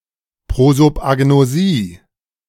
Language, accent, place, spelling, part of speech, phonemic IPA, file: German, Germany, Berlin, Prosopagnosie, noun, /ˌpʁozopʔaɡnoˈziː/, De-Prosopagnosie.ogg
- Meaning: prosopagnosia